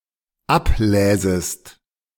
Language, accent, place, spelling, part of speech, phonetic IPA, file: German, Germany, Berlin, abläsest, verb, [ˈapˌlɛːzəst], De-abläsest.ogg
- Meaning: second-person singular dependent subjunctive II of ablesen